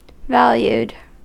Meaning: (adjective) Having a value, esteemed; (verb) simple past and past participle of value
- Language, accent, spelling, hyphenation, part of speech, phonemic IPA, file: English, US, valued, val‧ued, adjective / verb, /ˈvæljuːd/, En-us-valued.ogg